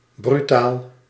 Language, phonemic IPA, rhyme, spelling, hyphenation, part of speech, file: Dutch, /bryˈtaːl/, -aːl, brutaal, bru‧taal, adjective, Nl-brutaal.ogg
- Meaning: 1. impudent, insolent, brazen 2. outspoken 3. savagely violent